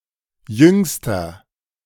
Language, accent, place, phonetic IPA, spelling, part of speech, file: German, Germany, Berlin, [ˈjʏŋstɐ], jüngster, adjective, De-jüngster.ogg
- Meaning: inflection of jung: 1. strong/mixed nominative masculine singular superlative degree 2. strong genitive/dative feminine singular superlative degree 3. strong genitive plural superlative degree